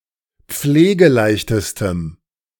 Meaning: strong dative masculine/neuter singular superlative degree of pflegeleicht
- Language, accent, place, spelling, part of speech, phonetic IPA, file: German, Germany, Berlin, pflegeleichtestem, adjective, [ˈp͡fleːɡəˌlaɪ̯çtəstəm], De-pflegeleichtestem.ogg